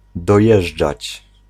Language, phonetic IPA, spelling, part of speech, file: Polish, [dɔˈjɛʒd͡ʒat͡ɕ], dojeżdżać, verb, Pl-dojeżdżać.ogg